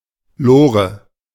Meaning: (noun) 1. minecart 2. a train wagon or locomotive used in the Frisian islands in Germany; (proper noun) a diminutive of the female given names Eleonore and Hannelore
- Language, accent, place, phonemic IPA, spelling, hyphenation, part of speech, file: German, Germany, Berlin, /ˈloːʁə/, Lore, Lo‧re, noun / proper noun, De-Lore.ogg